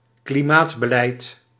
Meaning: climate policy
- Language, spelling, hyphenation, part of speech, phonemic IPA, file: Dutch, klimaatbeleid, kli‧maat‧be‧leid, noun, /kliˈmaːtbəˌlɛi̯t/, Nl-klimaatbeleid.ogg